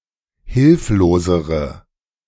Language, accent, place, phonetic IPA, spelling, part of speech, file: German, Germany, Berlin, [ˈhɪlfloːzəʁə], hilflosere, adjective, De-hilflosere.ogg
- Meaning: inflection of hilflos: 1. strong/mixed nominative/accusative feminine singular comparative degree 2. strong nominative/accusative plural comparative degree